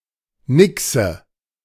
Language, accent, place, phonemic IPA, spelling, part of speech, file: German, Germany, Berlin, /ˈnɪksə/, Nixe, noun, De-Nixe.ogg
- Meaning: nixie (female water-spirit)